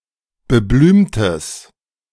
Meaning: strong/mixed nominative/accusative neuter singular of beblümt
- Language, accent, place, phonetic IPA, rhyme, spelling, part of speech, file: German, Germany, Berlin, [bəˈblyːmtəs], -yːmtəs, beblümtes, adjective, De-beblümtes.ogg